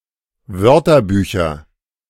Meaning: nominative/accusative/genitive plural of Wörterbuch
- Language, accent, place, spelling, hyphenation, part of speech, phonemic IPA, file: German, Germany, Berlin, Wörterbücher, Wör‧ter‧bü‧cher, noun, /ˈvœʁtɐˌbyːçɐ/, De-Wörterbücher.ogg